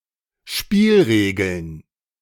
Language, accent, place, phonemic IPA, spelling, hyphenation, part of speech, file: German, Germany, Berlin, /ˈʃpiːlˌʁeːɡl̩n/, Spielregeln, Spiel‧re‧geln, noun, De-Spielregeln.ogg
- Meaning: plural of Spielregel